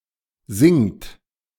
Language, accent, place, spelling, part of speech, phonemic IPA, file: German, Germany, Berlin, singt, verb, /zɪŋt/, De-singt.ogg
- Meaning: inflection of singen: 1. third-person singular present 2. second-person plural present 3. plural imperative